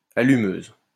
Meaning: 1. a cock tease 2. female equivalent of allumeur
- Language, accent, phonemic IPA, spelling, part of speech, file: French, France, /a.ly.møz/, allumeuse, noun, LL-Q150 (fra)-allumeuse.wav